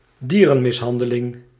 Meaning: animal abuse
- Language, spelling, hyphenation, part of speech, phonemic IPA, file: Dutch, dierenmishandeling, die‧ren‧mis‧han‧de‧ling, noun, /ˈdiː.rə(n).mɪsˌɦɑn.də.lɪŋ/, Nl-dierenmishandeling.ogg